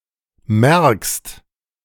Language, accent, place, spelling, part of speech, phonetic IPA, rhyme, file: German, Germany, Berlin, merkst, verb, [mɛʁkst], -ɛʁkst, De-merkst.ogg
- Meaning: second-person singular present of merken